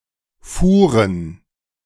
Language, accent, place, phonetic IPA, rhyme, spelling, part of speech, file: German, Germany, Berlin, [ˈfuːʁən], -uːʁən, fuhren, verb, De-fuhren.ogg
- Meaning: first/third-person plural preterite of fahren